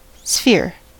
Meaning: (noun) 1. A surface in three dimensions consisting of all points equidistant from a center. . 2. An object which appears to be bounded by a sphere; a round object, a ball
- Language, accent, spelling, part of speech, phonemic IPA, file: English, US, sphere, noun / verb, /sfɪɚ/, En-us-sphere.ogg